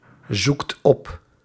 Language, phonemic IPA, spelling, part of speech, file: Dutch, /ˈzukt ˈɔp/, zoekt op, verb, Nl-zoekt op.ogg
- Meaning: inflection of opzoeken: 1. second/third-person singular present indicative 2. plural imperative